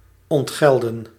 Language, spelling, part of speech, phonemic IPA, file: Dutch, ontgelden, verb, /ɔntˈɣɛldə(n)/, Nl-ontgelden.ogg
- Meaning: to pay for, to suffer for, cop it, get some stick for